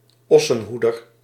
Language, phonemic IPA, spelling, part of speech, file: Dutch, /ˈɔsə(n)ˌhudər/, Ossenhoeder, proper noun, Nl-Ossenhoeder.ogg
- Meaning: Boötes